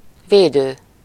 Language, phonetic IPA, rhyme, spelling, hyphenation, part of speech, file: Hungarian, [ˈveːdøː], -døː, védő, vé‧dő, verb / noun, Hu-védő.ogg
- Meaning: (verb) present participle of véd: protecting, protective, safety; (noun) 1. defender, protector, guardian 2. supporter, advocate 3. synonym of védőügyvéd (“defense attorney”)